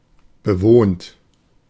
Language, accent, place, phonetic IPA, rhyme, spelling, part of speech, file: German, Germany, Berlin, [bəˈvoːnt], -oːnt, bewohnt, adjective / verb, De-bewohnt.ogg
- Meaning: 1. inflection of bewohnen: second-person plural present 2. inflection of bewohnen: third-person singular present 3. inflection of bewohnen: plural imperative 4. past participle of bewohnen